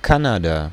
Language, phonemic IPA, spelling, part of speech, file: German, /ˈkanada/, Kanada, proper noun, De-Kanada.ogg
- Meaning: Canada (a country in North America)